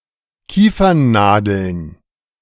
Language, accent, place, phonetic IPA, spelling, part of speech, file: German, Germany, Berlin, [ˈkiːfɐnˌnaːdl̩n], Kiefernnadeln, noun, De-Kiefernnadeln.ogg
- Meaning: plural of Kiefernnadel